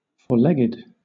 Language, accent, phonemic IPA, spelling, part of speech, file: English, Southern England, /fɔː(ɹ)ˈlɛɡɪd/, four-legged, adjective / noun, LL-Q1860 (eng)-four-legged.wav
- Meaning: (adjective) Having four legs; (noun) 1. An animal that has four legs 2. An intersection where two roads cross